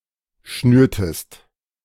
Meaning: inflection of schnüren: 1. second-person singular preterite 2. second-person singular subjunctive II
- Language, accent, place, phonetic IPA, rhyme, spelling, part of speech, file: German, Germany, Berlin, [ˈʃnyːɐ̯təst], -yːɐ̯təst, schnürtest, verb, De-schnürtest.ogg